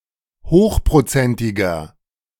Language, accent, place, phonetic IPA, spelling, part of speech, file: German, Germany, Berlin, [ˈhoːxpʁoˌt͡sɛntɪɡɐ], hochprozentiger, adjective, De-hochprozentiger.ogg
- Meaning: inflection of hochprozentig: 1. strong/mixed nominative masculine singular 2. strong genitive/dative feminine singular 3. strong genitive plural